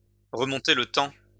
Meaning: to turn back the clock
- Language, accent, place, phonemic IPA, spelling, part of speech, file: French, France, Lyon, /ʁə.mɔ̃.te l(ə) tɑ̃/, remonter le temps, verb, LL-Q150 (fra)-remonter le temps.wav